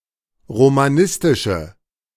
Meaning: inflection of romanistisch: 1. strong/mixed nominative/accusative feminine singular 2. strong nominative/accusative plural 3. weak nominative all-gender singular
- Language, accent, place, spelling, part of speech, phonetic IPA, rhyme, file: German, Germany, Berlin, romanistische, adjective, [ʁomaˈnɪstɪʃə], -ɪstɪʃə, De-romanistische.ogg